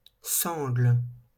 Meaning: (noun) 1. strap 2. ripcord (of a parachute) 3. sling; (verb) inflection of sangler: 1. first/third-person singular present indicative/subjunctive 2. second-person singular imperative
- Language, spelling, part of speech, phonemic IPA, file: French, sangle, noun / verb, /sɑ̃ɡl/, LL-Q150 (fra)-sangle.wav